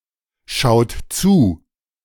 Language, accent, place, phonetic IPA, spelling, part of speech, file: German, Germany, Berlin, [ˌʃaʊ̯t ˈt͡suː], schaut zu, verb, De-schaut zu.ogg
- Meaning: inflection of zuschauen: 1. third-person singular present 2. second-person plural present 3. plural imperative